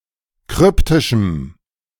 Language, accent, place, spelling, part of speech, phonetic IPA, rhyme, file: German, Germany, Berlin, kryptischem, adjective, [ˈkʁʏptɪʃm̩], -ʏptɪʃm̩, De-kryptischem.ogg
- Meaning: strong dative masculine/neuter singular of kryptisch